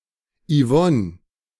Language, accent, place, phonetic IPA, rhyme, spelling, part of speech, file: German, Germany, Berlin, [iˈvɔn], -ɔn, Yvonne, proper noun, De-Yvonne.ogg
- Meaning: a female given name from French